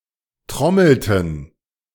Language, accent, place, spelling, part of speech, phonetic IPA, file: German, Germany, Berlin, trommelten, verb, [ˈtʁɔml̩tn̩], De-trommelten.ogg
- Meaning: inflection of trommeln: 1. first/third-person plural preterite 2. first/third-person plural subjunctive II